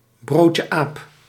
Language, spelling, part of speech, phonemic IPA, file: Dutch, broodje aap, noun, /ˌbroːt.jə ˈaːp/, Nl-broodje aap.ogg
- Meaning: an urban legend (false anecdotal story presented as true spread through informal communication)